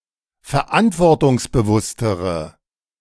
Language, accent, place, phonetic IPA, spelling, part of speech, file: German, Germany, Berlin, [fɛɐ̯ˈʔantvɔʁtʊŋsbəˌvʊstəʁə], verantwortungsbewusstere, adjective, De-verantwortungsbewusstere.ogg
- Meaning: inflection of verantwortungsbewusst: 1. strong/mixed nominative/accusative feminine singular comparative degree 2. strong nominative/accusative plural comparative degree